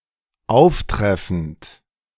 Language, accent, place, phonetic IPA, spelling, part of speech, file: German, Germany, Berlin, [ˈaʊ̯fˌtʁɛfn̩t], auftreffend, verb, De-auftreffend.ogg
- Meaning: present participle of auftreffen